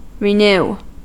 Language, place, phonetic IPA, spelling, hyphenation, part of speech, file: English, California, [ɹɪˈnɪʉ̯], renew, re‧new, verb / noun, En-us-renew.ogg
- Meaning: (verb) To make (something) new again; to restore to freshness or original condition